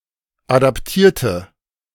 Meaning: inflection of adaptieren: 1. first/third-person singular preterite 2. first/third-person singular subjunctive II
- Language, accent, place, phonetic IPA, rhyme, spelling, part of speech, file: German, Germany, Berlin, [ˌadapˈtiːɐ̯tə], -iːɐ̯tə, adaptierte, adjective / verb, De-adaptierte.ogg